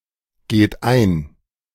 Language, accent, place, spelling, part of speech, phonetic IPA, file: German, Germany, Berlin, geht ein, verb, [ˌɡeːt ˈaɪ̯n], De-geht ein.ogg
- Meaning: inflection of eingehen: 1. third-person singular present 2. second-person plural present 3. plural imperative